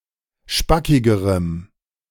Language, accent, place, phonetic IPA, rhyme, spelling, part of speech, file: German, Germany, Berlin, [ˈʃpakɪɡəʁəm], -akɪɡəʁəm, spackigerem, adjective, De-spackigerem.ogg
- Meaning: strong dative masculine/neuter singular comparative degree of spackig